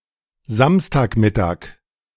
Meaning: Saturday noon
- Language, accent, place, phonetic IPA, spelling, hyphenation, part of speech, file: German, Germany, Berlin, [ˈzamstaːkˌmɪtaːk], Samstagmittag, Sams‧tag‧mit‧tag, noun, De-Samstagmittag.ogg